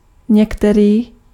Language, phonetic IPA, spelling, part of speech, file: Czech, [ˈɲɛktɛriː], některý, determiner, Cs-některý.ogg
- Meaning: some, any